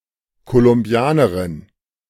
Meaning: female Colombian
- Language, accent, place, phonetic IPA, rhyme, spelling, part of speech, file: German, Germany, Berlin, [kolʊmˈbi̯aːnəʁɪn], -aːnəʁɪn, Kolumbianerin, noun, De-Kolumbianerin.ogg